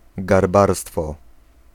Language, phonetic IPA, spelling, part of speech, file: Polish, [ɡarˈbarstfɔ], garbarstwo, noun, Pl-garbarstwo.ogg